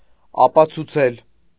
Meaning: to prove
- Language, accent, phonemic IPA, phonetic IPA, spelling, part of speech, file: Armenian, Eastern Armenian, /ɑpɑt͡sʰuˈt͡sʰel/, [ɑpɑt͡sʰut͡sʰél], ապացուցել, verb, Hy-ապացուցել.ogg